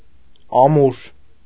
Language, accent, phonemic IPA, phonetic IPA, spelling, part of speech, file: Armenian, Eastern Armenian, /ɑˈmuɾ/, [ɑmúɾ], ամուր, adjective, Hy-ամուր3.ogg
- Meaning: durable, strong, solid